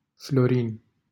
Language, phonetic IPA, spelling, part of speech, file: Romanian, [ˈflo.rin], Florin, proper noun, LL-Q7913 (ron)-Florin.wav
- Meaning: a male given name comparable to Florian